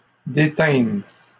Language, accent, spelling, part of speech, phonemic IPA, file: French, Canada, détînmes, verb, /de.tɛ̃m/, LL-Q150 (fra)-détînmes.wav
- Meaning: first-person plural past historic of détenir